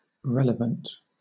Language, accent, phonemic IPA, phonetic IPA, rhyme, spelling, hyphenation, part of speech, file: English, Southern England, /ˈɹɛləvənt/, [ˈɹʷɛləvənt], -ɛləvənt, relevant, rel‧e‧vant, adjective, LL-Q1860 (eng)-relevant.wav
- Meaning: 1. Related, connected, or pertinent to a topic 2. Related, connected, or pertinent to a topic.: Directly related, connected, or pertinent, with important ramifications or implications